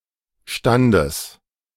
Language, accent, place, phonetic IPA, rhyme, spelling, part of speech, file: German, Germany, Berlin, [ˈʃtandəs], -andəs, Standes, noun, De-Standes.ogg
- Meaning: genitive singular of Stand